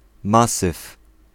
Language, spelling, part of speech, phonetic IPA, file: Polish, masyw, noun, [ˈmasɨf], Pl-masyw.ogg